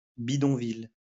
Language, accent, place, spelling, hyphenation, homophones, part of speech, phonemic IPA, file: French, France, Lyon, bidonville, bi‧don‧ville, bidonvilles, noun, /bi.dɔ̃.vil/, LL-Q150 (fra)-bidonville.wav
- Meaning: shantytown, slum